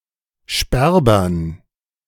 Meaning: dative plural of Sperber
- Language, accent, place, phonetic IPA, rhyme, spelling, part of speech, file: German, Germany, Berlin, [ˈʃpɛʁbɐn], -ɛʁbɐn, Sperbern, noun, De-Sperbern.ogg